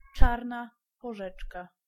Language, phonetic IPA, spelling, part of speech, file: Polish, [ˈt͡ʃarna pɔˈʒɛt͡ʃka], czarna porzeczka, noun, Pl-czarna porzeczka.ogg